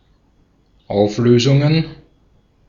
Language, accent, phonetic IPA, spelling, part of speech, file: German, Austria, [ˈaʊ̯fˌløːzʊŋən], Auflösungen, noun, De-at-Auflösungen.ogg
- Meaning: plural of Auflösung